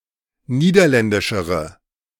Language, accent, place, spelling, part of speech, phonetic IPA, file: German, Germany, Berlin, niederländischere, adjective, [ˈniːdɐˌlɛndɪʃəʁə], De-niederländischere.ogg
- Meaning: inflection of niederländisch: 1. strong/mixed nominative/accusative feminine singular comparative degree 2. strong nominative/accusative plural comparative degree